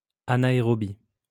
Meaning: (adjective) anaerobic; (noun) anaerobe
- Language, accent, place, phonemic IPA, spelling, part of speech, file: French, France, Lyon, /a.na.e.ʁɔ.bi/, anaérobie, adjective / noun, LL-Q150 (fra)-anaérobie.wav